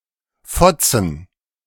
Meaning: plural of Fotze
- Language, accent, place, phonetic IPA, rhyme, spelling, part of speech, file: German, Germany, Berlin, [ˈfɔt͡sn̩], -ɔt͡sn̩, Fotzen, noun, De-Fotzen.ogg